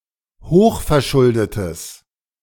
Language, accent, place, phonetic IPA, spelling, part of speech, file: German, Germany, Berlin, [ˈhoːxfɛɐ̯ˌʃʊldətəs], hochverschuldetes, adjective, De-hochverschuldetes.ogg
- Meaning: strong/mixed nominative/accusative neuter singular of hochverschuldet